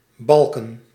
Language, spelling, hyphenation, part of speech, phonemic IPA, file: Dutch, balken, bal‧ken, verb / noun, /ˈbɑlkə(n)/, Nl-balken.ogg
- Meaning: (verb) 1. to bray, make a donkey's sound 2. to utter asinine talk 3. to bawl, cry, weep loudly 4. to belt, sing loudly; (noun) plural of balk